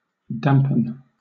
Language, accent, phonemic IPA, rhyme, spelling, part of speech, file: English, Southern England, /ˈdæmpən/, -æmpən, dampen, verb, LL-Q1860 (eng)-dampen.wav
- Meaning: 1. To make damp or moist; to make moderately wet 2. To become damp or moist 3. To lessen; to dull; to make less intense (said of emotions and non-physical things)